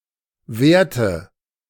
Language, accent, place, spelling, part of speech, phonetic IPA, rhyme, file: German, Germany, Berlin, währte, verb, [ˈvɛːɐ̯tə], -ɛːɐ̯tə, De-währte.ogg
- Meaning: inflection of währen: 1. first/third-person singular preterite 2. first/third-person singular subjunctive II